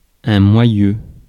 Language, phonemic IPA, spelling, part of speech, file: French, /mwa.jø/, moyeu, noun, Fr-moyeu.ogg
- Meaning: hub (the central part of a wheel)